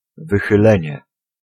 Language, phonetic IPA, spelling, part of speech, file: Polish, [ˌvɨxɨˈlɛ̃ɲɛ], wychylenie, noun, Pl-wychylenie.ogg